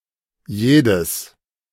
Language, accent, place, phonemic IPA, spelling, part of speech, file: German, Germany, Berlin, /ˈjeːdəs/, jedes, pronoun, De-jedes.ogg
- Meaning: inflection of jeder: 1. masculine genitive singular 2. neuter nominative/genitive/accusative singular